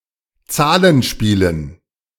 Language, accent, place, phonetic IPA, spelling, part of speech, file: German, Germany, Berlin, [ˈt͡saːlənˌʃpiːlən], Zahlenspielen, noun, De-Zahlenspielen.ogg
- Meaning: dative plural of Zahlenspiel